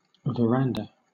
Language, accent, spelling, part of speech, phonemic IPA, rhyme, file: English, Southern England, veranda, noun, /vəˈɹæn.də/, -ændə, LL-Q1860 (eng)-veranda.wav
- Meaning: A gallery, platform, or balcony, usually roofed and often partly enclosed, extending along the outside of a building